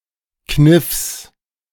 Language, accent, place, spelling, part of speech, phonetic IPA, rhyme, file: German, Germany, Berlin, Kniffs, noun, [knɪfs], -ɪfs, De-Kniffs.ogg
- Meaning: genitive singular of Kniff